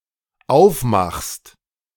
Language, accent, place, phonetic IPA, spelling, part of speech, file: German, Germany, Berlin, [ˈaʊ̯fˌmaxst], aufmachst, verb, De-aufmachst.ogg
- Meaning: second-person singular dependent present of aufmachen